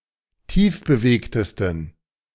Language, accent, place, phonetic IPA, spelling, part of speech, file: German, Germany, Berlin, [ˈtiːfbəˌveːktəstn̩], tiefbewegtesten, adjective, De-tiefbewegtesten.ogg
- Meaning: 1. superlative degree of tiefbewegt 2. inflection of tiefbewegt: strong genitive masculine/neuter singular superlative degree